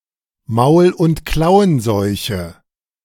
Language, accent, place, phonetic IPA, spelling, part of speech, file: German, Germany, Berlin, [ˈmaʊ̯l ʊnt ˈklaʊ̯ənˌzɔɪ̯çə], Maul- und Klauenseuche, phrase, De-Maul- und Klauenseuche.ogg
- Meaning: foot-and-mouth disease